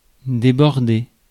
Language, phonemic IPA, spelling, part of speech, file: French, /de.bɔʁ.de/, déborder, verb, Fr-déborder.ogg
- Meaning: 1. to overflow (exceed the brim), to spill over 2. to overshoot (shoot too far); to outflank